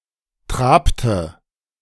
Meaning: inflection of traben: 1. first/third-person singular preterite 2. first/third-person singular subjunctive II
- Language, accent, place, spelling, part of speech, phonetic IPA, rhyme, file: German, Germany, Berlin, trabte, verb, [ˈtʁaːptə], -aːptə, De-trabte.ogg